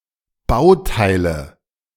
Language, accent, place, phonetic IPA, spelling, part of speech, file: German, Germany, Berlin, [ˈbaʊ̯ˌtaɪ̯lə], Bauteile, noun, De-Bauteile.ogg
- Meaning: nominative/accusative/genitive plural of Bauteil